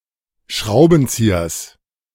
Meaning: genitive singular of Schraubenzieher
- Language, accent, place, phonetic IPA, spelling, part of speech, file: German, Germany, Berlin, [ˈʃʁaʊ̯bənˌt͡siːɐs], Schraubenziehers, noun, De-Schraubenziehers.ogg